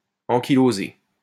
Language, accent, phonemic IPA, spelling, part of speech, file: French, France, /ɑ̃.ki.lo.ze/, ankylosé, verb / adjective, LL-Q150 (fra)-ankylosé.wav
- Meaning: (verb) past participle of ankyloser; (adjective) ankylosed